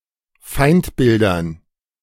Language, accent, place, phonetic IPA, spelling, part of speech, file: German, Germany, Berlin, [ˈfaɪ̯ntˌbɪldɐn], Feindbildern, noun, De-Feindbildern.ogg
- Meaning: dative plural of Feindbild